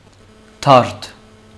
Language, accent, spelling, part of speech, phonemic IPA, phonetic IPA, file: Armenian, Western Armenian, դարդ, noun, /tɑɾt/, [tʰɑɾtʰ], HyW-դարդ.ogg
- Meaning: grief, sorrow, pain; worry, trouble